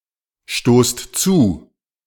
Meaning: inflection of zustoßen: 1. second-person plural present 2. plural imperative
- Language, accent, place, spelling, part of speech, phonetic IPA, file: German, Germany, Berlin, stoßt zu, verb, [ˌʃtoːst ˈt͡suː], De-stoßt zu.ogg